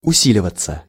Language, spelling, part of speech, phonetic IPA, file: Russian, усиливаться, verb, [ʊˈsʲilʲɪvət͡sə], Ru-усиливаться.ogg
- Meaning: 1. to become stronger, to intensify, to gain strength 2. to swell, to grow louder 3. to gather momentum 4. to deepen 5. passive of уси́ливать (usílivatʹ)